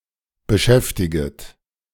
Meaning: second-person plural subjunctive I of beschäftigen
- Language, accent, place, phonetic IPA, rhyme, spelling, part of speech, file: German, Germany, Berlin, [bəˈʃɛftɪɡət], -ɛftɪɡət, beschäftiget, verb, De-beschäftiget.ogg